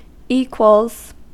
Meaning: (noun) 1. plural of equal 2. The symbol =; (verb) third-person singular simple present indicative of equal
- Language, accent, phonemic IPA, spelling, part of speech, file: English, US, /ˈiːkwəlz/, equals, noun / verb, En-us-equals.ogg